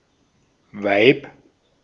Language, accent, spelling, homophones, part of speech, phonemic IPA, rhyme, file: German, Austria, Weib, Vibe, noun, /vaɪ̯p/, -aɪ̯p, De-at-Weib.ogg
- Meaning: 1. woman, broad 2. woman, wife